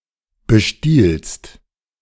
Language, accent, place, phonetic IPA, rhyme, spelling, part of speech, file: German, Germany, Berlin, [bəˈʃtiːlst], -iːlst, bestiehlst, verb, De-bestiehlst.ogg
- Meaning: second-person singular present of bestehlen